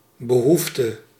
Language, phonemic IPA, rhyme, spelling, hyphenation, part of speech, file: Dutch, /bəˈɦuf.tə/, -uftə, behoefte, be‧hoef‧te, noun, Nl-behoefte.ogg
- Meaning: 1. a need 2. defecation